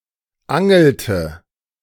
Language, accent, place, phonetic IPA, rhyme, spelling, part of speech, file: German, Germany, Berlin, [ˈaŋl̩tə], -aŋl̩tə, angelte, verb, De-angelte.ogg
- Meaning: inflection of angeln: 1. first/third-person singular preterite 2. first/third-person singular subjunctive II